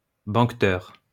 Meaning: banqueter, feaster (guest at a banquet)
- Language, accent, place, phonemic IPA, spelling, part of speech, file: French, France, Lyon, /bɑ̃k.tœʁ/, banqueteur, noun, LL-Q150 (fra)-banqueteur.wav